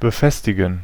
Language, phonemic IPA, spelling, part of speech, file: German, /bəˈfɛstɪɡən/, befestigen, verb, De-befestigen.ogg
- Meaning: to attach, to pin, to fasten, to secure